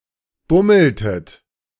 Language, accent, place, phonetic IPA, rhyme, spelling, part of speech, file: German, Germany, Berlin, [ˈbʊml̩tət], -ʊml̩tət, bummeltet, verb, De-bummeltet.ogg
- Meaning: inflection of bummeln: 1. second-person plural preterite 2. second-person plural subjunctive II